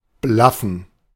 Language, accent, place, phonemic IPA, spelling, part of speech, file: German, Germany, Berlin, /ˈblafən/, blaffen, verb, De-blaffen.ogg
- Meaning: 1. to bark briefly 2. to speak or shout in an aggressive, rude manner